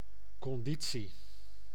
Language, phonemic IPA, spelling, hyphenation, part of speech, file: Dutch, /ˌkɔnˈdi.(t)si/, conditie, con‧di‧tie, noun, Nl-conditie.ogg
- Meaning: 1. condition, state 2. condition, conditional clause 3. endurance